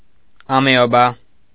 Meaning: amoeba
- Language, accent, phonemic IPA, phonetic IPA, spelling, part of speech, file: Armenian, Eastern Armenian, /ɑmeoˈbɑ/, [ɑmeobɑ́], ամեոբա, noun, Hy-ամեոբա.ogg